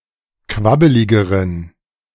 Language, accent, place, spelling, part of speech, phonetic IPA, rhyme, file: German, Germany, Berlin, quabbeligeren, adjective, [ˈkvabəlɪɡəʁən], -abəlɪɡəʁən, De-quabbeligeren.ogg
- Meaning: inflection of quabbelig: 1. strong genitive masculine/neuter singular comparative degree 2. weak/mixed genitive/dative all-gender singular comparative degree